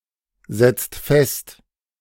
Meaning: inflection of festsetzen: 1. second-person singular/plural present 2. third-person singular present 3. plural imperative
- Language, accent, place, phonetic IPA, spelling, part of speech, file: German, Germany, Berlin, [ˌzɛt͡st ˈfɛst], setzt fest, verb, De-setzt fest.ogg